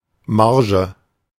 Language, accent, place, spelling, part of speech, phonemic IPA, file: German, Germany, Berlin, Marge, noun, /ˈmaʁʒə/, De-Marge.ogg
- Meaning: margin